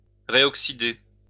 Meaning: to reoxidize
- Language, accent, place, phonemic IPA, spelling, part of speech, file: French, France, Lyon, /ʁe.ɔk.si.de/, réoxyder, verb, LL-Q150 (fra)-réoxyder.wav